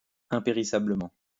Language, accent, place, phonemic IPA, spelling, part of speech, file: French, France, Lyon, /ɛ̃.pe.ʁi.sa.blə.mɑ̃/, impérissablement, adverb, LL-Q150 (fra)-impérissablement.wav
- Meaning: 1. imperishably 2. unfadingly